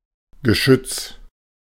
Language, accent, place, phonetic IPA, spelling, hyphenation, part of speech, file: German, Germany, Berlin, [ɡəˈʃʏt͡s], Geschütz, Ge‧schütz, noun, De-Geschütz.ogg
- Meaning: generally any type of large or heavy calibre gun, cannon, artillery piece, or turret assembly